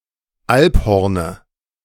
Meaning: dative singular of Alphorn
- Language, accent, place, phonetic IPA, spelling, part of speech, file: German, Germany, Berlin, [ˈalpˌhɔʁnə], Alphorne, noun, De-Alphorne.ogg